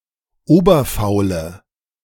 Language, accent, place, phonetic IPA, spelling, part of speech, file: German, Germany, Berlin, [ˈoːbɐfaʊ̯lə], oberfaule, adjective, De-oberfaule.ogg
- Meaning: inflection of oberfaul: 1. strong/mixed nominative/accusative feminine singular 2. strong nominative/accusative plural 3. weak nominative all-gender singular